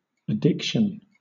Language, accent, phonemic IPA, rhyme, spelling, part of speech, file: English, Southern England, /əˈdɪkˌʃən/, -ɪkʃən, addiction, noun, LL-Q1860 (eng)-addiction.wav
- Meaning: 1. A state that is characterized by compulsive drug use or compulsive engagement in rewarding behavior, despite negative consequences 2. The state of being addicted; devotion; inclination